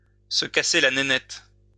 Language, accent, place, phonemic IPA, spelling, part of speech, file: French, France, Lyon, /sə ka.se la ne.nɛt/, se casser la nénette, verb, LL-Q150 (fra)-se casser la nénette.wav
- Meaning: to reflect intensively on, to deliberate